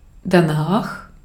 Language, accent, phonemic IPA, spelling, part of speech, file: German, Austria, /daˈnaːχ/, danach, adverb, De-at-danach.ogg
- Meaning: 1. after it, after that; thereafter (formal), afterwards 2. behind it/that 3. accordingly, in accordance with that